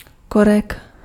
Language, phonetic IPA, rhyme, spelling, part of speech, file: Czech, [ˈkorɛk], -orɛk, korek, noun, Cs-korek.ogg
- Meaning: cork (bark)